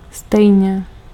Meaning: 1. equally (in equal degree or extent) 2. anyway, all the same 3. in the same way
- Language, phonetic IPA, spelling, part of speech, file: Czech, [ˈstɛjɲɛ], stejně, adverb, Cs-stejně.ogg